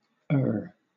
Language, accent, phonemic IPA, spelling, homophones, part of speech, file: English, Southern England, /ɜː/, err, ayr / Ayr / e'er / ere / eyre / heir, verb, LL-Q1860 (eng)-err.wav
- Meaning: 1. To make a mistake 2. To sin 3. to stray